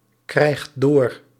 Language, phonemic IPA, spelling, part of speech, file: Dutch, /ˈkrɛixt ˈdor/, krijgt door, verb, Nl-krijgt door.ogg
- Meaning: inflection of doorkrijgen: 1. second/third-person singular present indicative 2. plural imperative